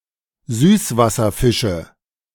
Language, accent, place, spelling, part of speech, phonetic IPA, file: German, Germany, Berlin, Süßwasserfische, noun, [ˈzyːsvasɐˌfɪʃə], De-Süßwasserfische.ogg
- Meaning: nominative/accusative/genitive plural of Süßwasserfisch